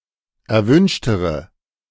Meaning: inflection of erwünscht: 1. strong/mixed nominative/accusative feminine singular comparative degree 2. strong nominative/accusative plural comparative degree
- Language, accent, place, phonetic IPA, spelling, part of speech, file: German, Germany, Berlin, [ɛɐ̯ˈvʏnʃtəʁə], erwünschtere, adjective, De-erwünschtere.ogg